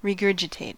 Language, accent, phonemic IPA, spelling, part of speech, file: English, US, /ɹɪˈɡɝ.d͡ʒəˌteɪt/, regurgitate, verb / noun, En-us-regurgitate.ogg
- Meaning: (verb) 1. To throw up or vomit; to eject what has previously been swallowed 2. To cough up from the gut to feed its young, as an animal or bird does